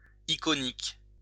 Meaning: 1. iconic (as related to iconography) 2. emblematic
- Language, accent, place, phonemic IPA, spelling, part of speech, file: French, France, Lyon, /i.kɔ.nik/, iconique, adjective, LL-Q150 (fra)-iconique.wav